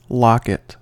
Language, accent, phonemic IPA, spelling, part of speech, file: English, US, /ˈlɑkɪt/, locket, noun, En-us-locket.ogg
- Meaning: 1. A pendant that opens to reveal a space used for storing a photograph or other small item 2. The upper metallic cap of a sword’s scabbard 3. A small white marking on a cat's coat